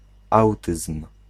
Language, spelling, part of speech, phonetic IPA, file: Polish, autyzm, noun, [ˈawtɨsm̥], Pl-autyzm.ogg